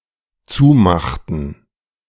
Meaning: inflection of zumachen: 1. first/third-person plural dependent preterite 2. first/third-person plural dependent subjunctive II
- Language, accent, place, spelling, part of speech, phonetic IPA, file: German, Germany, Berlin, zumachten, verb, [ˈt͡suːˌmaxtn̩], De-zumachten.ogg